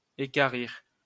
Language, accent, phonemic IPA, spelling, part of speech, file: French, France, /e.ka.ʁiʁ/, équarrir, verb, LL-Q150 (fra)-équarrir.wav
- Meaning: 1. to square off 2. to quarter (cut an animal into four)